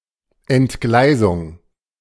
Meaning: 1. derailment 2. gaffe, slip, lapse, blunder
- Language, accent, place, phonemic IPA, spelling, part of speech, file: German, Germany, Berlin, /ɛntˈɡlaɪ̯zʊŋ/, Entgleisung, noun, De-Entgleisung.ogg